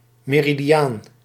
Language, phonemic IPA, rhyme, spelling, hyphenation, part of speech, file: Dutch, /ˌmeː.ri.diˈaːn/, -aːn, meridiaan, me‧ri‧di‧aan, noun, Nl-meridiaan.ogg
- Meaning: meridian (great circle passing through the geographic poles)